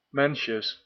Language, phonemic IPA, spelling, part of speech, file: Dutch, /ˈmɛnʃəs/, mensjes, noun, Nl-mensjes.ogg
- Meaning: plural of mensje